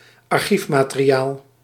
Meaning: archive material
- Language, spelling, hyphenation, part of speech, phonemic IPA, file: Dutch, archiefmateriaal, ar‧chief‧ma‧te‧ri‧aal, noun, /ɑrˈxif.maː.teː.riˌaːl/, Nl-archiefmateriaal.ogg